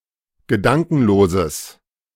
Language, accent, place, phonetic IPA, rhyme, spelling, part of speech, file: German, Germany, Berlin, [ɡəˈdaŋkn̩loːzəs], -aŋkn̩loːzəs, gedankenloses, adjective, De-gedankenloses.ogg
- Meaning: strong/mixed nominative/accusative neuter singular of gedankenlos